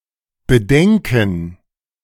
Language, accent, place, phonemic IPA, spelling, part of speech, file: German, Germany, Berlin, /bəˈdɛŋkn̩/, Bedenken, noun, De-Bedenken.ogg
- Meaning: 1. gerund of bedenken 2. concern, objection